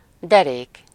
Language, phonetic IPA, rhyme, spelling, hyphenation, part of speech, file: Hungarian, [ˈdɛreːk], -eːk, derék, de‧rék, noun / adjective, Hu-derék.ogg
- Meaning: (noun) waist (the part of the body between the pelvis and the stomach); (adjective) 1. brave, honest, valiant 2. well-built, sturdy